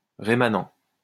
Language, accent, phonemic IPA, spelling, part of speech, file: French, France, /ʁe.ma.nɑ̃/, rémanent, adjective / noun, LL-Q150 (fra)-rémanent.wav
- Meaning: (adjective) residual; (noun) remnant